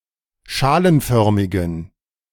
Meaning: inflection of schalenförmig: 1. strong genitive masculine/neuter singular 2. weak/mixed genitive/dative all-gender singular 3. strong/weak/mixed accusative masculine singular 4. strong dative plural
- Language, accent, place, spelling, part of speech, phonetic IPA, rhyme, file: German, Germany, Berlin, schalenförmigen, adjective, [ˈʃaːlənˌfœʁmɪɡn̩], -aːlənfœʁmɪɡn̩, De-schalenförmigen.ogg